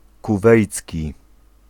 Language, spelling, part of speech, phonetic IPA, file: Polish, kuwejcki, adjective, [kuˈvɛjt͡sʲci], Pl-kuwejcki.ogg